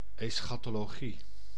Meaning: eschatology (system of doctrines concerning final matters, such as death and afterlife)
- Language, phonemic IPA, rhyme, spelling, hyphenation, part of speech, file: Dutch, /ˌɛs.xaː.toː.loːˈɣi/, -i, eschatologie, es‧cha‧to‧lo‧gie, noun, Nl-eschatologie.ogg